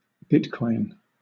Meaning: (proper noun) A decentralized cryptocurrency using blockchain technology; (noun) A unit of the bitcoin (proper noun proper noun sense 1) cryptocurrency
- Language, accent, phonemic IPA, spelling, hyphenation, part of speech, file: English, Southern England, /ˈbɪtkɔɪn/, bitcoin, bit‧coin, proper noun / noun, LL-Q1860 (eng)-bitcoin.wav